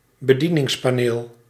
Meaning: control panel
- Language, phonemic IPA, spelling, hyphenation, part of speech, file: Dutch, /bəˈdi.nɪŋs.paːˌneːl/, bedieningspaneel, be‧die‧nings‧pa‧neel, noun, Nl-bedieningspaneel.ogg